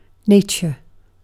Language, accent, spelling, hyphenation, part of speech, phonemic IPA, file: English, UK, nature, na‧ture, noun / verb, /ˈneɪ̯.tʃə/, En-uk-nature.ogg